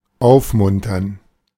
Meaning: to cheer up
- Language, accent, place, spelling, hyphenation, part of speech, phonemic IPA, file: German, Germany, Berlin, aufmuntern, auf‧mun‧tern, verb, /ˈʔaʊ̯fmʊntɐn/, De-aufmuntern.ogg